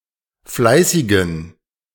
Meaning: inflection of fleißig: 1. strong genitive masculine/neuter singular 2. weak/mixed genitive/dative all-gender singular 3. strong/weak/mixed accusative masculine singular 4. strong dative plural
- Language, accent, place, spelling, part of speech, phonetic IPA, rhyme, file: German, Germany, Berlin, fleißigen, adjective, [ˈflaɪ̯sɪɡn̩], -aɪ̯sɪɡn̩, De-fleißigen.ogg